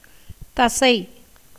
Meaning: muscle
- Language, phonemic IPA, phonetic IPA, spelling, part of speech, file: Tamil, /t̪ɐtʃɐɪ̯/, [t̪ɐsɐɪ̯], தசை, noun, Ta-தசை.ogg